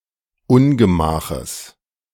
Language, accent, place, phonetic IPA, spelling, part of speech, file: German, Germany, Berlin, [ˈʊnɡəˌmaːxəs], Ungemaches, noun, De-Ungemaches.ogg
- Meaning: genitive singular of Ungemach